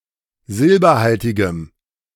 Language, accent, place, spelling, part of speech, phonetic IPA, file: German, Germany, Berlin, silberhaltigem, adjective, [ˈzɪlbɐˌhaltɪɡəm], De-silberhaltigem.ogg
- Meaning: strong dative masculine/neuter singular of silberhaltig